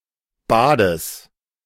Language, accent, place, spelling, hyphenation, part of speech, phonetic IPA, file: German, Germany, Berlin, Bades, Ba‧des, noun, [baːdəs], De-Bades.ogg
- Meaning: genitive singular of Bad